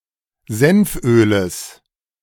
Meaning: genitive of Senföl
- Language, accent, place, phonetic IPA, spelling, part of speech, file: German, Germany, Berlin, [ˈzɛnfˌʔøːləs], Senföles, noun, De-Senföles.ogg